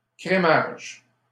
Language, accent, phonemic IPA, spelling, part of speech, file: French, Canada, /kʁe.maʒ/, crémage, noun, LL-Q150 (fra)-crémage.wav
- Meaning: creaming